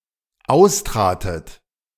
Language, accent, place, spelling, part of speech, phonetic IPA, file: German, Germany, Berlin, austratet, verb, [ˈaʊ̯sˌtʁaːtət], De-austratet.ogg
- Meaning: second-person plural dependent preterite of austreten